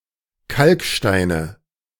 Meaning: nominative/accusative/genitive plural of Kalkstein
- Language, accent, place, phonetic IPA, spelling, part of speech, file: German, Germany, Berlin, [ˈkalkˌʃtaɪ̯nə], Kalksteine, noun, De-Kalksteine.ogg